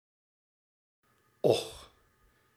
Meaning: alas
- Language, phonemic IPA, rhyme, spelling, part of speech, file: Dutch, /ɔx/, -ɔx, och, interjection, Nl-och.ogg